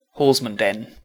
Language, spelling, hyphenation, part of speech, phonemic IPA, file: English, Horsmonden, Hors‧mon‧den, proper noun, /hɔːzmənˈdɛn/, En-Horsmonden.ogg
- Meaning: A village and civil parish in Tunbridge Wells borough, Kent, England (OS grid ref TQ7040)